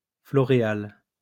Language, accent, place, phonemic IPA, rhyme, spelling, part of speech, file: French, France, Lyon, /flɔ.ʁe.al/, -al, floréal, noun, LL-Q150 (fra)-floréal.wav
- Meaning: Floréal (the eighth month of French Republican Calendar)